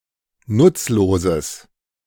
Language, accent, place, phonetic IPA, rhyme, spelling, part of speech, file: German, Germany, Berlin, [ˈnʊt͡sloːzəs], -ʊt͡sloːzəs, nutzloses, adjective, De-nutzloses.ogg
- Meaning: strong/mixed nominative/accusative neuter singular of nutzlos